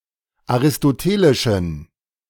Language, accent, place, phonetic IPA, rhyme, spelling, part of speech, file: German, Germany, Berlin, [aʁɪstoˈteːlɪʃn̩], -eːlɪʃn̩, aristotelischen, adjective, De-aristotelischen.ogg
- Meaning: inflection of aristotelisch: 1. strong genitive masculine/neuter singular 2. weak/mixed genitive/dative all-gender singular 3. strong/weak/mixed accusative masculine singular 4. strong dative plural